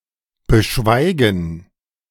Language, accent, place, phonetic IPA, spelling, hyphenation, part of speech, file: German, Germany, Berlin, [bəˈʃvaɪ̯ɡn̩], beschweigen, be‧schwei‧gen, verb, De-beschweigen.ogg
- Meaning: to not talk about